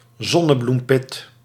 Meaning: sunflower seed
- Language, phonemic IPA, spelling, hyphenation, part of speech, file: Dutch, /ˈzɔ.nə.blumˌpɪt/, zonnebloempit, zon‧ne‧bloem‧pit, noun, Nl-zonnebloempit.ogg